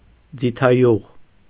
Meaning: olive oil
- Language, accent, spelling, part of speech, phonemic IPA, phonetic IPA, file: Armenian, Eastern Armenian, ձիթայուղ, noun, /d͡zitʰɑˈjuʁ/, [d͡zitʰɑjúʁ], Hy-ձիթայուղ.ogg